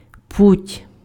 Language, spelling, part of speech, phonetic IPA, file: Ukrainian, путь, noun, [putʲ], Uk-путь.ogg
- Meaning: 1. way, road 2. path (of movement) 3. rail, track 4. access, means 5. way, direction 6. travel 7. favorable circumstances